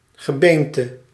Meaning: skeleton
- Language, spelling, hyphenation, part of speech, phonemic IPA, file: Dutch, gebeente, ge‧been‧te, noun, /ɣəˈbeːn.tə/, Nl-gebeente.ogg